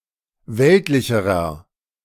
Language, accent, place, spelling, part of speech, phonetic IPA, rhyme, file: German, Germany, Berlin, weltlicherer, adjective, [ˈvɛltlɪçəʁɐ], -ɛltlɪçəʁɐ, De-weltlicherer.ogg
- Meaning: inflection of weltlich: 1. strong/mixed nominative masculine singular comparative degree 2. strong genitive/dative feminine singular comparative degree 3. strong genitive plural comparative degree